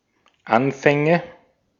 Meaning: nominative/accusative/genitive plural of Anfang
- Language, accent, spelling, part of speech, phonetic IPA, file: German, Austria, Anfänge, noun, [ˈanfɛŋə], De-at-Anfänge.ogg